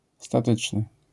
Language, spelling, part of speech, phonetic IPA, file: Polish, statyczny, adjective, [staˈtɨt͡ʃnɨ], LL-Q809 (pol)-statyczny.wav